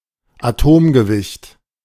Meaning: atomic weight
- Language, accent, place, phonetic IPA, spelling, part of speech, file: German, Germany, Berlin, [aˈtoːmɡəˌvɪçt], Atomgewicht, noun, De-Atomgewicht.ogg